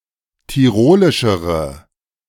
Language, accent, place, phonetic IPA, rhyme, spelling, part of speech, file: German, Germany, Berlin, [tiˈʁoːlɪʃəʁə], -oːlɪʃəʁə, tirolischere, adjective, De-tirolischere.ogg
- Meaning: inflection of tirolisch: 1. strong/mixed nominative/accusative feminine singular comparative degree 2. strong nominative/accusative plural comparative degree